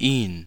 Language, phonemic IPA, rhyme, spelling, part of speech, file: German, /iːn/, -iːn, ihn, pronoun, De-ihn.ogg
- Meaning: 1. accusative of er; him, it (masculine, direct object) 2. (obsolete) dative of sie; them (indirect object)